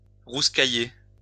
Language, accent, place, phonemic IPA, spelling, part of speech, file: French, France, Lyon, /ʁus.ka.je/, rouscailler, verb, LL-Q150 (fra)-rouscailler.wav
- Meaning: 1. to grumble 2. to chat, rap